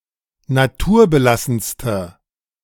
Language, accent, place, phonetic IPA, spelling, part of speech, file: German, Germany, Berlin, [naˈtuːɐ̯bəˌlasn̩stə], naturbelassenste, adjective, De-naturbelassenste.ogg
- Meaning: inflection of naturbelassen: 1. strong/mixed nominative/accusative feminine singular superlative degree 2. strong nominative/accusative plural superlative degree